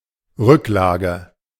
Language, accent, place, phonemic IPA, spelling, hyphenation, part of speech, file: German, Germany, Berlin, /ˈʁʏkˌlaːɡə/, Rücklage, Rück‧la‧ge, noun, De-Rücklage.ogg
- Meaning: 1. reserve 2. reserves, savings